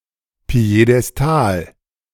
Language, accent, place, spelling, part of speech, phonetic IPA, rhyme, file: German, Germany, Berlin, Piedestal, noun, [pi̯edɛsˈtaːl], -aːl, De-Piedestal.ogg
- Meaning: 1. pedestal 2. circus platform